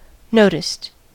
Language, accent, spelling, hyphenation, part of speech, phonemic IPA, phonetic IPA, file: English, US, noticed, no‧ticed, verb, /ˈnoʊ.tɪst/, [ˈnoʊ.ɾɪst], En-us-noticed.ogg
- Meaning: simple past and past participle of notice